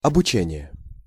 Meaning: learning, education (the process of being taught)
- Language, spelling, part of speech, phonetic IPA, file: Russian, обучение, noun, [ɐbʊˈt͡ɕenʲɪje], Ru-обучение.ogg